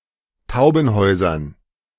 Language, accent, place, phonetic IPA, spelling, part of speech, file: German, Germany, Berlin, [ˈtaʊ̯bənˌhɔʏ̯zɐn], Taubenhäusern, noun, De-Taubenhäusern.ogg
- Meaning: dative plural of Taubenhaus